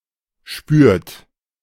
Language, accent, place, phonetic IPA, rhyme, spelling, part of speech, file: German, Germany, Berlin, [ʃpyːɐ̯t], -yːɐ̯t, spürt, verb, De-spürt.ogg
- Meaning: inflection of spüren: 1. third-person singular present 2. second-person plural present 3. plural imperative